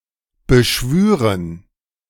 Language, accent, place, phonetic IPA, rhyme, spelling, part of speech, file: German, Germany, Berlin, [bəˈʃvyːʁən], -yːʁən, beschwüren, verb, De-beschwüren.ogg
- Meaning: first-person plural subjunctive II of beschwören